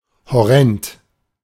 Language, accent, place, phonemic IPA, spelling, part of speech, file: German, Germany, Berlin, /hɔˈrɛnt/, horrend, adjective, De-horrend.ogg
- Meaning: 1. exorbitant, unreasonably high 2. horrendous